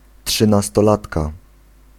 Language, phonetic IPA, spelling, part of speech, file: Polish, [ˌṭʃɨ̃nastɔˈlatka], trzynastolatka, noun, Pl-trzynastolatka.ogg